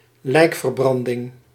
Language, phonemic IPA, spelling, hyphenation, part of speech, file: Dutch, /ˈlɛi̯k.vərˌbrɑn.dɪŋ/, lijkverbranding, lijk‧ver‧bran‧ding, noun, Nl-lijkverbranding.ogg
- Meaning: cremation